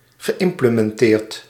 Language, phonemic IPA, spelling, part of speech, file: Dutch, /ɣəˌʔɪmpləmɛnˈtert/, geïmplementeerd, verb, Nl-geïmplementeerd.ogg
- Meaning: past participle of implementeren